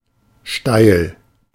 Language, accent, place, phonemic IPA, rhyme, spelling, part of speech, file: German, Germany, Berlin, /ʃtaɪ̯l/, -aɪ̯l, steil, adjective, De-steil.ogg
- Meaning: steep